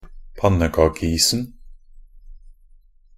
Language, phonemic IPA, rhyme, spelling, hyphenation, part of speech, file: Norwegian Bokmål, /ˈpanːəkɑːkəiːsn̩/, -iːsn̩, pannekakeisen, pan‧ne‧ka‧ke‧is‧en, noun, Nb-pannekakeisen.ogg
- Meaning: definite singular of pannekakeis